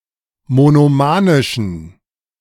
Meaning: inflection of monomanisch: 1. strong genitive masculine/neuter singular 2. weak/mixed genitive/dative all-gender singular 3. strong/weak/mixed accusative masculine singular 4. strong dative plural
- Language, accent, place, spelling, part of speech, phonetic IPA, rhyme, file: German, Germany, Berlin, monomanischen, adjective, [monoˈmaːnɪʃn̩], -aːnɪʃn̩, De-monomanischen.ogg